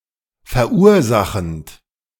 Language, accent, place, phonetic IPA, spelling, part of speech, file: German, Germany, Berlin, [fɛɐ̯ˈʔuːɐ̯ˌzaxn̩t], verursachend, verb, De-verursachend.ogg
- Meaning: present participle of verursachen